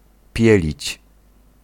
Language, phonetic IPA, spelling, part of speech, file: Polish, [ˈpʲjɛlʲit͡ɕ], pielić, verb, Pl-pielić.ogg